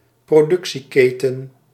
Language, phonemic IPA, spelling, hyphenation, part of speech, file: Dutch, /proːˈdʏk.siˌkeː.tə(n)/, productieketen, pro‧duc‧tie‧ke‧ten, noun, Nl-productieketen.ogg
- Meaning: supply chain